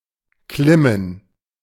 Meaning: to climb
- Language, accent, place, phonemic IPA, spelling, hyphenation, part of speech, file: German, Germany, Berlin, /klɪmən/, klimmen, klim‧men, verb, De-klimmen.ogg